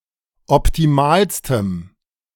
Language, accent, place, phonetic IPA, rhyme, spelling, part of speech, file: German, Germany, Berlin, [ɔptiˈmaːlstəm], -aːlstəm, optimalstem, adjective, De-optimalstem.ogg
- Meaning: strong dative masculine/neuter singular superlative degree of optimal